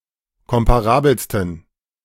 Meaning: 1. superlative degree of komparabel 2. inflection of komparabel: strong genitive masculine/neuter singular superlative degree
- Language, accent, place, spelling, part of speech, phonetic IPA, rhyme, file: German, Germany, Berlin, komparabelsten, adjective, [ˌkɔmpaˈʁaːbl̩stn̩], -aːbl̩stn̩, De-komparabelsten.ogg